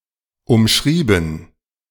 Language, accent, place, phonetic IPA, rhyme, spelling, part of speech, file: German, Germany, Berlin, [ʊmˈʃʁiːbn̩], -iːbn̩, umschrieben, adjective / verb, De-umschrieben.ogg
- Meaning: past participle of umschreiben